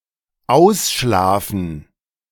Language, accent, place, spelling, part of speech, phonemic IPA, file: German, Germany, Berlin, ausschlafen, verb, /ˈaʊ̯sˌʃlaːfn̩/, De-ausschlafen.ogg
- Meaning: 1. sleep late, sleep in 2. sleep off